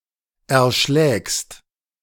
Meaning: second-person singular present of erschlagen
- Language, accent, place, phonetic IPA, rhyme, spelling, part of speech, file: German, Germany, Berlin, [ɛɐ̯ˈʃlɛːkst], -ɛːkst, erschlägst, verb, De-erschlägst.ogg